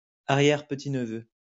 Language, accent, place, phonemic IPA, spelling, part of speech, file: French, France, Lyon, /a.ʁjɛʁ.pə.ti.n(ə).vø/, arrière-petit-neveu, noun, LL-Q150 (fra)-arrière-petit-neveu.wav
- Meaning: great-grandnephew